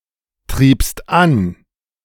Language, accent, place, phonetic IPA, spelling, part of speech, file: German, Germany, Berlin, [ˌtʁiːpst ˈan], triebst an, verb, De-triebst an.ogg
- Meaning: second-person singular preterite of antreiben